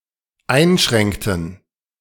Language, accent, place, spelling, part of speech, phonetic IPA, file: German, Germany, Berlin, einschränkten, verb, [ˈaɪ̯nˌʃʁɛŋktn̩], De-einschränkten.ogg
- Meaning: inflection of einschränken: 1. first/third-person plural dependent preterite 2. first/third-person plural dependent subjunctive II